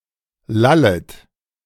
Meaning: second-person plural subjunctive I of lallen
- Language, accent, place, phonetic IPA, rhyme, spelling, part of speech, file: German, Germany, Berlin, [ˈlalət], -alət, lallet, verb, De-lallet.ogg